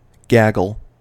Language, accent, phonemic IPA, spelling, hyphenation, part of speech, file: English, US, /ˈɡæɡl̩/, gaggle, gag‧gle, noun / verb, En-us-gaggle.ogg
- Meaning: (noun) 1. A group of geese when they are on the ground or on the water; other groups of birds 2. Any group or gathering of related things, particularly one perceived as noisy, boisterous or chaotic